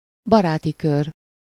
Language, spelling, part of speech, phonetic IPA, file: Hungarian, baráti kör, noun, [ˈbɒraːti ˌkør], Hu-baráti kör.ogg
- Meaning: circle of friends (a number of close friends who usually do things together as a group)